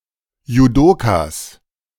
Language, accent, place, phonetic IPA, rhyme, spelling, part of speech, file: German, Germany, Berlin, [juˈdoːkas], -oːkas, Judokas, noun, De-Judokas.ogg
- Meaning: plural of Judoka